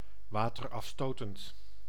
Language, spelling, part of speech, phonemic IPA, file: Dutch, waterafstotend, adjective, /ʋaːtərɑfˈstoːtənt/, Nl-waterafstotend.ogg
- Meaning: water-repellent, water-resistant